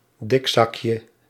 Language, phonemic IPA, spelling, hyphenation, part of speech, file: Dutch, /ˈdɪkˌsɑkjə/, dikzakje, dik‧zak‧je, noun, Nl-dikzakje.ogg
- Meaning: diminutive of dikzak